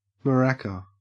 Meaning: 1. A Latin American percussion instrument consisting of a hollow-gourd rattle containing pebbles or beans and often played in pairs, as a rhythm instrument 2. Breasts
- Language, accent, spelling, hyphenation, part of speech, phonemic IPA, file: English, Australia, maraca, ma‧ra‧ca, noun, /məˈɹæ.kə/, En-au-maraca.ogg